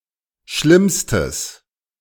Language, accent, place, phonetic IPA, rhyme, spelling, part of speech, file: German, Germany, Berlin, [ˈʃlɪmstəs], -ɪmstəs, schlimmstes, adjective, De-schlimmstes.ogg
- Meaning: strong/mixed nominative/accusative neuter singular superlative degree of schlimm